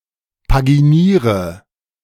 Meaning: inflection of paginieren: 1. first-person singular present 2. first/third-person singular subjunctive I 3. singular imperative
- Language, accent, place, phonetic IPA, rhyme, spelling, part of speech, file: German, Germany, Berlin, [paɡiˈniːʁə], -iːʁə, paginiere, verb, De-paginiere.ogg